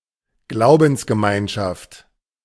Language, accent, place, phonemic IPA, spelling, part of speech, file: German, Germany, Berlin, /ˈɡlaʊ̯bn̩s.ɡəˌmaɪ̯nʃaft/, Glaubensgemeinschaft, noun, De-Glaubensgemeinschaft.ogg
- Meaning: denomination, confession